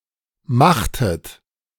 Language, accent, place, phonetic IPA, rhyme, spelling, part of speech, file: German, Germany, Berlin, [ˈmaxtət], -axtət, machtet, verb, De-machtet.ogg
- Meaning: inflection of machen: 1. second-person plural preterite 2. second-person plural subjunctive II